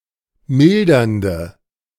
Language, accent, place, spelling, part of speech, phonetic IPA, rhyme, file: German, Germany, Berlin, mildernde, adjective, [ˈmɪldɐndə], -ɪldɐndə, De-mildernde.ogg
- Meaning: inflection of mildernd: 1. strong/mixed nominative/accusative feminine singular 2. strong nominative/accusative plural 3. weak nominative all-gender singular